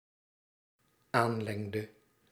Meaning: inflection of aanlengen: 1. singular dependent-clause past indicative 2. singular dependent-clause past subjunctive
- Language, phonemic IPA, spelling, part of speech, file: Dutch, /ˈanlɛŋdə/, aanlengde, verb, Nl-aanlengde.ogg